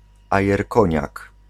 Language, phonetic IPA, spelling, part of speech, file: Polish, [ˌajɛrˈkɔ̃ɲak], ajerkoniak, noun, Pl-ajerkoniak.ogg